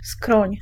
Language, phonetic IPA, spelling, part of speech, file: Polish, [skrɔ̃ɲ], skroń, noun, Pl-skroń.ogg